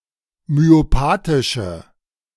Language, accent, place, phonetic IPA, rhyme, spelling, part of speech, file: German, Germany, Berlin, [myoˈpaːtɪʃə], -aːtɪʃə, myopathische, adjective, De-myopathische.ogg
- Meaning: inflection of myopathisch: 1. strong/mixed nominative/accusative feminine singular 2. strong nominative/accusative plural 3. weak nominative all-gender singular